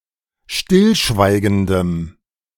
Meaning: strong dative masculine/neuter singular of stillschweigend
- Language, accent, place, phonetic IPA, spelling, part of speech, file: German, Germany, Berlin, [ˈʃtɪlˌʃvaɪ̯ɡəndəm], stillschweigendem, adjective, De-stillschweigendem.ogg